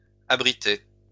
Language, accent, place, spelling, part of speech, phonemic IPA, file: French, France, Lyon, abritez, verb, /a.bʁi.te/, LL-Q150 (fra)-abritez.wav
- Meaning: inflection of abriter: 1. second-person plural present indicative 2. second-person plural imperative